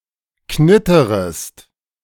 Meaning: second-person singular subjunctive I of knittern
- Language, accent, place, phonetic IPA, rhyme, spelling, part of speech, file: German, Germany, Berlin, [ˈknɪtəʁəst], -ɪtəʁəst, knitterest, verb, De-knitterest.ogg